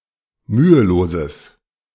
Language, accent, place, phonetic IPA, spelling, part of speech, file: German, Germany, Berlin, [ˈmyːəˌloːzəs], müheloses, adjective, De-müheloses.ogg
- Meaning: strong/mixed nominative/accusative neuter singular of mühelos